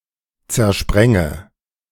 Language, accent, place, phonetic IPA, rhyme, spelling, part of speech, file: German, Germany, Berlin, [t͡sɛɐ̯ˈʃpʁɛŋə], -ɛŋə, zersprenge, verb, De-zersprenge.ogg
- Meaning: inflection of zersprengen: 1. first-person singular present 2. first/third-person singular subjunctive I 3. singular imperative